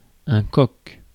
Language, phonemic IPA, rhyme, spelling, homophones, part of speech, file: French, /kɔk/, -ɔk, coq, coqs / coque / coques, noun, Fr-coq.ogg
- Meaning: 1. male chicken, rooster, cockerel, cock 2. a cook